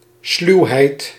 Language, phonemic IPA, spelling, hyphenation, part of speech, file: Dutch, /ˈslywhɛit/, sluwheid, sluw‧heid, noun, Nl-sluwheid.ogg
- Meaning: cunning